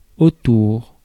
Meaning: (adverb) around; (preposition) around, about; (noun) goshawk
- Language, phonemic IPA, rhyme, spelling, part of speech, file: French, /o.tuʁ/, -uʁ, autour, adverb / preposition / noun, Fr-autour.ogg